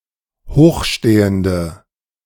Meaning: inflection of hochstehend: 1. strong/mixed nominative/accusative feminine singular 2. strong nominative/accusative plural 3. weak nominative all-gender singular
- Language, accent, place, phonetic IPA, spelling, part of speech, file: German, Germany, Berlin, [ˈhoːxˌʃteːəndə], hochstehende, adjective, De-hochstehende.ogg